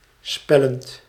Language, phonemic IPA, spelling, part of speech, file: Dutch, /ˈspɛlənt/, spellend, verb, Nl-spellend.ogg
- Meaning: present participle of spellen